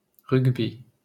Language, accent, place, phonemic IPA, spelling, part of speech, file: French, France, Paris, /ʁyɡ.bi/, rugby, noun, LL-Q150 (fra)-rugby.wav
- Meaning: rugby (sport)